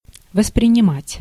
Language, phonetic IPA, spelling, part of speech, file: Russian, [vəsprʲɪnʲɪˈmatʲ], воспринимать, verb, Ru-воспринимать.ogg
- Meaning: 1. to perceive, to apprehend 2. to appreciate, to take in (to be aware of)